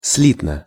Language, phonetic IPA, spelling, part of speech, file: Russian, [ˈs⁽ʲ⁾lʲitnə], слитно, adverb, Ru-слитно.ogg
- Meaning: 1. conjointly 2. in one word (with no spaces or hyphens)